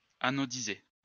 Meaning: 1. to anodize 2. inflection of anodiser: first/third-person singular present indicative/subjunctive 3. inflection of anodiser: second-person singular imperative
- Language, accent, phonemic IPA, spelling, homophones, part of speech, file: French, France, /a.nɔ.di.ze/, anodiser, anodisent / anodises, verb, LL-Q150 (fra)-anodiser.wav